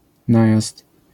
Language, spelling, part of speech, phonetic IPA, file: Polish, najazd, noun, [ˈnajast], LL-Q809 (pol)-najazd.wav